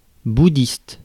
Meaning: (adjective) Buddhist
- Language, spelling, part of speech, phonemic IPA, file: French, bouddhiste, adjective / noun, /bu.dist/, Fr-bouddhiste.ogg